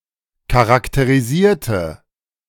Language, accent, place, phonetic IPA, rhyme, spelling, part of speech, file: German, Germany, Berlin, [kaʁakteʁiˈziːɐ̯tə], -iːɐ̯tə, charakterisierte, adjective / verb, De-charakterisierte.ogg
- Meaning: inflection of charakterisieren: 1. first/third-person singular preterite 2. first/third-person singular subjunctive II